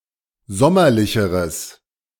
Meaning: strong/mixed nominative/accusative neuter singular comparative degree of sommerlich
- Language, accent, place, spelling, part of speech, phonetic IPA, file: German, Germany, Berlin, sommerlicheres, adjective, [ˈzɔmɐlɪçəʁəs], De-sommerlicheres.ogg